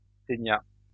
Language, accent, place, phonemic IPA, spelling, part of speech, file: French, France, Lyon, /te.nja/, ténia, noun, LL-Q150 (fra)-ténia.wav
- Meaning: tapeworm